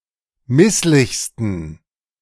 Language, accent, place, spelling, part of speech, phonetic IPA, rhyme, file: German, Germany, Berlin, misslichsten, adjective, [ˈmɪslɪçstn̩], -ɪslɪçstn̩, De-misslichsten.ogg
- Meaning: 1. superlative degree of misslich 2. inflection of misslich: strong genitive masculine/neuter singular superlative degree